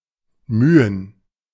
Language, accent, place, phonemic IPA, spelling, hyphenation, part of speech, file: German, Germany, Berlin, /ˈmyːən/, mühen, mü‧hen, verb, De-mühen.ogg
- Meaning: to labor, toil